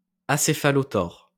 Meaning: acephalothoracic
- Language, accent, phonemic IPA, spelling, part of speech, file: French, France, /a.se.fa.lɔ.tɔʁ/, acéphalothore, adjective, LL-Q150 (fra)-acéphalothore.wav